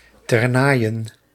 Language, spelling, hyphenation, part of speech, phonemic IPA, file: Dutch, Ternaaien, Ter‧naai‧en, proper noun, /tɛrˈnaːi̯.ə(n)/, Nl-Ternaaien.ogg
- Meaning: Lanaye, a village in Belgium